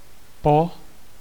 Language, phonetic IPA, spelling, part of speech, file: Czech, [ˈpo], po, noun / preposition, Cs-po.ogg
- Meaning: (noun) abbreviation of pondělí (“Monday”); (preposition) 1. after 2. along / across a surface 3. up to, for 4. all through